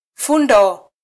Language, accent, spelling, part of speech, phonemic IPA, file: Swahili, Kenya, fundo, noun, /ˈfuⁿ.dɔ/, Sw-ke-fundo.flac
- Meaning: 1. a knot (looping of string) 2. a joint of the body 3. a cluster (group or bunch of things)